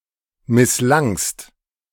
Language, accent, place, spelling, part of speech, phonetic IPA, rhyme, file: German, Germany, Berlin, misslangst, verb, [mɪsˈlaŋst], -aŋst, De-misslangst.ogg
- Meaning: second-person singular preterite of misslingen